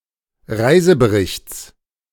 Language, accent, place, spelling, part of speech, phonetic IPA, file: German, Germany, Berlin, Reiseberichts, noun, [ˈʁaɪ̯zəbəˌʁɪçt͡s], De-Reiseberichts.ogg
- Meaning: genitive of Reisebericht